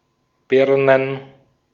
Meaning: plural of Birne "pears"
- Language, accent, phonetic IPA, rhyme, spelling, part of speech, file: German, Austria, [ˈbɪʁnən], -ɪʁnən, Birnen, noun, De-at-Birnen.ogg